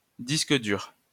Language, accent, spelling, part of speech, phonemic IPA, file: French, France, disque dur, noun, /dis.k(ə) dyʁ/, LL-Q150 (fra)-disque dur.wav
- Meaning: hard drive (device used for storing large amounts of data)